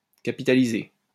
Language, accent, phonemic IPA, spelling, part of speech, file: French, France, /ka.pi.ta.li.ze/, capitaliser, verb, LL-Q150 (fra)-capitaliser.wav
- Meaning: 1. to capitalize 2. to hoard, to stockpile